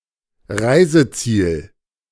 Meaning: destination (the place set for the end of a journey, or to which something is sent)
- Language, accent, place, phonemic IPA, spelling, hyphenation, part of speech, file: German, Germany, Berlin, /ˈʁaɪ̯zəˌtsiːl/, Reiseziel, Rei‧se‧ziel, noun, De-Reiseziel.ogg